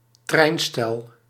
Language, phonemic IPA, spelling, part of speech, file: Dutch, /ˈtrɛinstɛl/, treinstel, noun, Nl-treinstel.ogg
- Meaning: a set of trains, a multiple unit